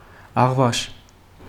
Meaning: half-witted, foolish
- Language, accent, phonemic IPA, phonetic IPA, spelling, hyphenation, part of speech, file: Armenian, Eastern Armenian, /ɑʁˈvɑʃ/, [ɑʁvɑ́ʃ], աղվաշ, աղ‧վաշ, adjective, Hy-աղվաշ.ogg